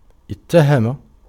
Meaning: to charge, to accuse; to impeach
- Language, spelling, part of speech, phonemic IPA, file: Arabic, اتهم, verb, /it.ta.ha.ma/, Ar-اتهم.ogg